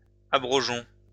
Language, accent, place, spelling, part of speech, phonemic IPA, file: French, France, Lyon, abrogeons, verb, /a.bʁɔ.ʒɔ̃/, LL-Q150 (fra)-abrogeons.wav
- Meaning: inflection of abroger: 1. first-person plural present indicative 2. first-person plural imperative